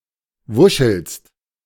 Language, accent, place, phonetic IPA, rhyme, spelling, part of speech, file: German, Germany, Berlin, [ˈvʊʃl̩st], -ʊʃl̩st, wuschelst, verb, De-wuschelst.ogg
- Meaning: second-person singular present of wuscheln